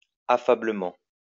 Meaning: affably
- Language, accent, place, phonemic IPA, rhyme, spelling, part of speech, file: French, France, Lyon, /a.fa.blə.mɑ̃/, -ɑ̃, affablement, adverb, LL-Q150 (fra)-affablement.wav